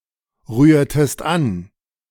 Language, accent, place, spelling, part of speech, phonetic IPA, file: German, Germany, Berlin, rührtest an, verb, [ˌʁyːɐ̯təst ˈan], De-rührtest an.ogg
- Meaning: inflection of anrühren: 1. second-person singular preterite 2. second-person singular subjunctive II